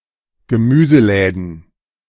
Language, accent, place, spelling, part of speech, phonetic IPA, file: German, Germany, Berlin, Gemüseläden, noun, [ɡəˈmyːzəˌlɛːdn̩], De-Gemüseläden.ogg
- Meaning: plural of Gemüseladen